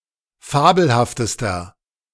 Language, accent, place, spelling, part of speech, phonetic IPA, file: German, Germany, Berlin, fabelhaftester, adjective, [ˈfaːbl̩haftəstɐ], De-fabelhaftester.ogg
- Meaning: inflection of fabelhaft: 1. strong/mixed nominative masculine singular superlative degree 2. strong genitive/dative feminine singular superlative degree 3. strong genitive plural superlative degree